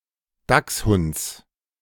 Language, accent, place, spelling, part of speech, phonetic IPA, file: German, Germany, Berlin, Dachshunds, noun, [ˈdaksˌhʊnt͡s], De-Dachshunds.ogg
- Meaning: genitive singular of Dachshund